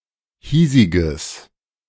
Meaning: strong/mixed nominative/accusative neuter singular of hiesig
- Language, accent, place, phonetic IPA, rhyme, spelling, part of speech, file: German, Germany, Berlin, [ˈhiːzɪɡəs], -iːzɪɡəs, hiesiges, adjective, De-hiesiges.ogg